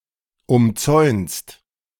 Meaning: second-person singular present of umzäunen
- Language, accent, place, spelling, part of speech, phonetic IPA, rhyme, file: German, Germany, Berlin, umzäunst, verb, [ʊmˈt͡sɔɪ̯nst], -ɔɪ̯nst, De-umzäunst.ogg